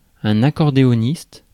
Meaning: accordionist
- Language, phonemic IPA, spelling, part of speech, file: French, /a.kɔʁ.de.ɔ.nist/, accordéoniste, noun, Fr-accordéoniste.ogg